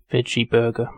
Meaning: Alternative spelling of veggie burger
- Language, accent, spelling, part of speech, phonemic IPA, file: English, UK, vegeburger, noun, /ˈvɛd͡ʒiːˌbɜː(ɹ)ɡə(ɹ)/, En-uk-vegeburger.ogg